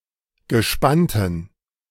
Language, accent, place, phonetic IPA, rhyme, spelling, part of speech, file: German, Germany, Berlin, [ɡəˈʃpantn̩], -antn̩, gespannten, adjective, De-gespannten.ogg
- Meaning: inflection of gespannt: 1. strong genitive masculine/neuter singular 2. weak/mixed genitive/dative all-gender singular 3. strong/weak/mixed accusative masculine singular 4. strong dative plural